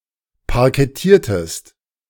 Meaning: inflection of parkettieren: 1. second-person singular preterite 2. second-person singular subjunctive II
- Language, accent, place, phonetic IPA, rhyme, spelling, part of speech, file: German, Germany, Berlin, [paʁkɛˈtiːɐ̯təst], -iːɐ̯təst, parkettiertest, verb, De-parkettiertest.ogg